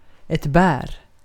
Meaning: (noun) a berry; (verb) inflection of bära: 1. present indicative 2. imperative
- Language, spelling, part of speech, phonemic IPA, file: Swedish, bär, noun / verb, /bɛːr/, Sv-bär.ogg